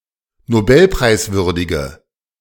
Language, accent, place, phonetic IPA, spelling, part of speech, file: German, Germany, Berlin, [noˈbɛlpʁaɪ̯sˌvʏʁdɪɡə], nobelpreiswürdige, adjective, De-nobelpreiswürdige.ogg
- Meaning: inflection of nobelpreiswürdig: 1. strong/mixed nominative/accusative feminine singular 2. strong nominative/accusative plural 3. weak nominative all-gender singular